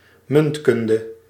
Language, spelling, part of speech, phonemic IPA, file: Dutch, muntkunde, noun, /ˈmʏnt.kʏn.də/, Nl-muntkunde.ogg
- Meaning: numismatics (discipline), collection and study of coins